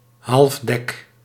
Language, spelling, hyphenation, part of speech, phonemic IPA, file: Dutch, halfdek, half‧dek, noun, /ˈɦɑlf.dɛk/, Nl-halfdek.ogg
- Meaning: halfdeck